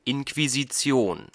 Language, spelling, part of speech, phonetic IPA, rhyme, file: German, Inquisition, noun, [ɪnkviziˈt͡si̯oːn], -oːn, De-Inquisition.ogg
- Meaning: Inquisition